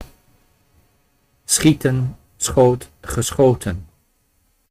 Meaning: 1. to shoot, fire 2. to shoot, to kill (especially game) 3. to rush, to move quickly 4. to kick (a ball in ball games, especially soccer)
- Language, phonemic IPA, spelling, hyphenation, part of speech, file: Dutch, /ˈsxitə(n)/, schieten, schie‧ten, verb, Nl-schieten.ogg